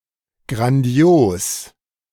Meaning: grandiose
- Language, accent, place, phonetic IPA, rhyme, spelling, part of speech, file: German, Germany, Berlin, [ɡʁanˈdi̯oːs], -oːs, grandios, adjective, De-grandios.ogg